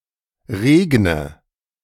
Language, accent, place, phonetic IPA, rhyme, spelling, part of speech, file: German, Germany, Berlin, [ˈʁeːɡnə], -eːɡnə, regne, verb, De-regne.ogg
- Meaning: inflection of regnen: 1. first-person singular present 2. first/third-person singular subjunctive I 3. singular imperative